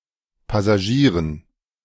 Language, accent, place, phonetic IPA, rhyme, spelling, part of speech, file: German, Germany, Berlin, [ˌpasaˈʒiːʁən], -iːʁən, Passagieren, noun, De-Passagieren.ogg
- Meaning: dative plural of Passagier